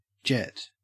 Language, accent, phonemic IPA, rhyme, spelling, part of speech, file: English, Australia, /ˈd͡ʒɛt/, -ɛt, jet, noun / verb / adjective, En-au-jet.ogg
- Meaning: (noun) 1. A collimated stream, spurt or flow of liquid or gas from a pressurized container, an engine, etc 2. A spout or nozzle for creating a jet of fluid